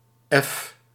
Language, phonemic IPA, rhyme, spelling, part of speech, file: Dutch, /ɛf/, -ɛf, f, character, Nl-f.ogg
- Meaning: The sixth letter of the Dutch alphabet, written in the Latin script